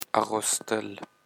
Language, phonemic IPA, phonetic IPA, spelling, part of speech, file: Pashto, /a.ɣos.təl/, [ä.ɣos̪.t̪ə́l], اغوستل, verb, اغوستل.ogg
- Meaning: to wear, dress, put on